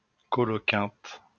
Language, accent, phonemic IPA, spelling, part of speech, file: French, France, /kɔ.lɔ.kɛ̃t/, coloquinte, noun, LL-Q150 (fra)-coloquinte.wav
- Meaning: colocynth, bitter apple